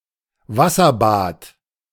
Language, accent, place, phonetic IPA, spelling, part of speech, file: German, Germany, Berlin, [ˈvasɐˌbaːt], Wasserbad, noun, De-Wasserbad.ogg
- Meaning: 1. water bath 2. bain-marie